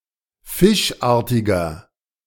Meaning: 1. comparative degree of fischartig 2. inflection of fischartig: strong/mixed nominative masculine singular 3. inflection of fischartig: strong genitive/dative feminine singular
- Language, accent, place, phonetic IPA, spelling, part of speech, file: German, Germany, Berlin, [ˈfɪʃˌʔaːɐ̯tɪɡɐ], fischartiger, adjective, De-fischartiger.ogg